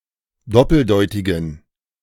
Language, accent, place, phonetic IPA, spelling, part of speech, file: German, Germany, Berlin, [ˈdɔpl̩ˌdɔɪ̯tɪɡn̩], doppeldeutigen, adjective, De-doppeldeutigen.ogg
- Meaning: inflection of doppeldeutig: 1. strong genitive masculine/neuter singular 2. weak/mixed genitive/dative all-gender singular 3. strong/weak/mixed accusative masculine singular 4. strong dative plural